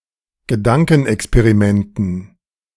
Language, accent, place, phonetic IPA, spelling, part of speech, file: German, Germany, Berlin, [ɡəˈdaŋkn̩ʔɛkspeʁiˌmɛntn̩], Gedankenexperimenten, noun, De-Gedankenexperimenten.ogg
- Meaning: dative plural of Gedankenexperiment